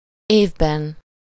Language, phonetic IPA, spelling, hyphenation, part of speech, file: Hungarian, [ˈeːvbɛn], évben, év‧ben, noun, Hu-évben.ogg
- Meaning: inessive singular of év